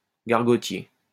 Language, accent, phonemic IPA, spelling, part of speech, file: French, France, /ɡaʁ.ɡɔ.tje/, gargotier, noun, LL-Q150 (fra)-gargotier.wav
- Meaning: 1. innkeeper 2. a bad cook